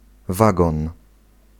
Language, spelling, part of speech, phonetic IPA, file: Polish, wagon, noun, [ˈvaɡɔ̃n], Pl-wagon.ogg